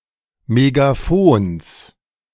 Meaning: genitive singular of Megafon
- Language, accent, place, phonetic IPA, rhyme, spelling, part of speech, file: German, Germany, Berlin, [meɡaˈfoːns], -oːns, Megafons, noun, De-Megafons.ogg